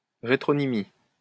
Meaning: retronymy
- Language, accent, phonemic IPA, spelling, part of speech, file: French, France, /ʁe.tʁɔ.ni.mi/, rétronymie, noun, LL-Q150 (fra)-rétronymie.wav